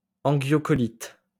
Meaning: cholangitis
- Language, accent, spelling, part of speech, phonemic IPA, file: French, France, angiocholite, noun, /ɑ̃.ʒjɔ.kɔ.lit/, LL-Q150 (fra)-angiocholite.wav